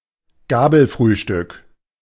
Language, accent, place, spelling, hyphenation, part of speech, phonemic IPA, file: German, Germany, Berlin, Gabelfrühstück, Ga‧bel‧früh‧stück, noun, /ˈɡaː.bəlˌfʁyːʃtʏk/, De-Gabelfrühstück.ogg
- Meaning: synonym of Brunch (“brunch”)